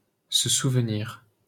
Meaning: remember (to recall one's memory)
- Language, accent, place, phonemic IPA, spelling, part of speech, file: French, France, Paris, /sə suv.niʁ/, se souvenir, verb, LL-Q150 (fra)-se souvenir.wav